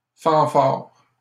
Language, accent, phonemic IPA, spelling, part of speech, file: French, Canada, /fɑ̃.faʁ/, fanfares, noun, LL-Q150 (fra)-fanfares.wav
- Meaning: plural of fanfare